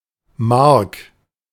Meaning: a male given name from French
- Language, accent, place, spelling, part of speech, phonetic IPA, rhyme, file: German, Germany, Berlin, Marc, proper noun, [maʁk], -aʁk, De-Marc.ogg